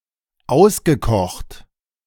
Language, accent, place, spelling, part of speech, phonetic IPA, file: German, Germany, Berlin, ausgekocht, adjective / verb, [ˈaʊ̯sɡəˌkɔxt], De-ausgekocht.ogg
- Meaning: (verb) past participle of auskochen; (adjective) cunning, sly, wily